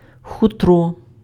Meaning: 1. fur (hairy coat of various mammal species) 2. fur (hairy skin of an animal processed into clothing for humans)
- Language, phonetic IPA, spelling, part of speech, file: Ukrainian, [ˈxutrɔ], хутро, noun, Uk-хутро.ogg